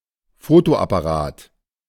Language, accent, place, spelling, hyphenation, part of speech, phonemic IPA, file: German, Germany, Berlin, Fotoapparat, Fo‧to‧ap‧pa‧rat, noun, /ˈfoːtoʔapaˌʁaːt/, De-Fotoapparat.ogg
- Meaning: camera (device for making still pictures)